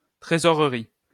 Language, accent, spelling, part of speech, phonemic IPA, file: French, France, trésorerie, noun, /tʁe.zɔ.ʁə.ʁi/, LL-Q150 (fra)-trésorerie.wav
- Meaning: 1. treasurership 2. treasury 3. accounts department